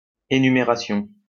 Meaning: enumeration
- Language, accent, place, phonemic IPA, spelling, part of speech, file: French, France, Lyon, /e.ny.me.ʁa.sjɔ̃/, énumération, noun, LL-Q150 (fra)-énumération.wav